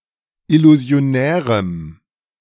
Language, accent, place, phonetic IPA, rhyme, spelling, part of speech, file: German, Germany, Berlin, [ɪluzi̯oˈnɛːʁəm], -ɛːʁəm, illusionärem, adjective, De-illusionärem.ogg
- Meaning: strong dative masculine/neuter singular of illusionär